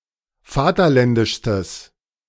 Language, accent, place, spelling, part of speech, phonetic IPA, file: German, Germany, Berlin, vaterländischstes, adjective, [ˈfaːtɐˌlɛndɪʃstəs], De-vaterländischstes.ogg
- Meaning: strong/mixed nominative/accusative neuter singular superlative degree of vaterländisch